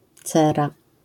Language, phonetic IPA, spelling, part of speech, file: Polish, [ˈt͡sɛra], cera, noun, LL-Q809 (pol)-cera.wav